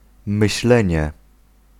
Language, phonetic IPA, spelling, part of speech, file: Polish, [mɨɕˈlɛ̃ɲɛ], myślenie, noun, Pl-myślenie.ogg